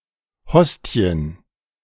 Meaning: plural of Hostie
- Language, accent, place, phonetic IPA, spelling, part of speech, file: German, Germany, Berlin, [ˈhɔsti̯ən], Hostien, noun, De-Hostien.ogg